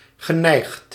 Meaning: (adjective) inclined (having a tendency or preference); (verb) past participle of neigen
- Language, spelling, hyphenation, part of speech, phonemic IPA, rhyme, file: Dutch, geneigd, ge‧neigd, adjective / verb, /ɣəˈnɛi̯xt/, -ɛi̯xt, Nl-geneigd.ogg